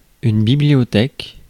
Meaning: 1. library 2. bookcase
- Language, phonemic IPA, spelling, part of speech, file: French, /bi.bli.jɔ.tɛk/, bibliothèque, noun, Fr-bibliothèque.ogg